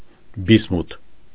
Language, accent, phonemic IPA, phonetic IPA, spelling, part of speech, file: Armenian, Eastern Armenian, /bisˈmutʰ/, [bismútʰ], բիսմութ, noun, Hy-բիսմութ.ogg
- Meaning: bismuth